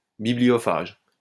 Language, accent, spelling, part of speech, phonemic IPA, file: French, France, bibliophage, noun, /bi.bli.jɔ.faʒ/, LL-Q150 (fra)-bibliophage.wav
- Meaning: bookworm